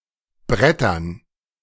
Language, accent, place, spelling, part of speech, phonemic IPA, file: German, Germany, Berlin, brettern, adjective / verb, /ˈbʁɛtɐn/, De-brettern.ogg
- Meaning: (adjective) made of wooden boards; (verb) to drive fast